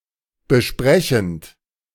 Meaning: present participle of besprechen
- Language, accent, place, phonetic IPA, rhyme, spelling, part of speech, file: German, Germany, Berlin, [bəˈʃpʁɛçn̩t], -ɛçn̩t, besprechend, verb, De-besprechend.ogg